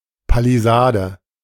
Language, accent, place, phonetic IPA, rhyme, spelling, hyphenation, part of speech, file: German, Germany, Berlin, [paliˈzaːdə], -aːdə, Palisade, Pa‧li‧sa‧de, noun, De-Palisade.ogg
- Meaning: 1. palisade (wall of wooden stakes) 2. stockade